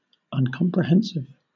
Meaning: 1. Unable to comprehend 2. incomprehensible
- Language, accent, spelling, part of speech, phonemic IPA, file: English, Southern England, uncomprehensive, adjective, /ˌʌnkɒmpɹəˈhɛnsɪv/, LL-Q1860 (eng)-uncomprehensive.wav